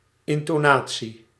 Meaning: intonation
- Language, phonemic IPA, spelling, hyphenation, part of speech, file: Dutch, /ˌɪn.toːˈnaː.(t)si/, intonatie, in‧to‧na‧tie, noun, Nl-intonatie.ogg